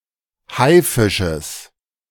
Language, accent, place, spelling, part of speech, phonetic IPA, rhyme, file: German, Germany, Berlin, Haifisches, noun, [ˈhaɪ̯ˌfɪʃəs], -aɪ̯fɪʃəs, De-Haifisches.ogg
- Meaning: genitive singular of Haifisch